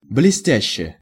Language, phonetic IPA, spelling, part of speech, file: Russian, [blʲɪˈsʲtʲæɕːe], блестяще, adverb / adjective, Ru-блестяще.ogg
- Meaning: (adverb) brilliantly; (adjective) short neuter singular of блестя́щий (blestjáščij)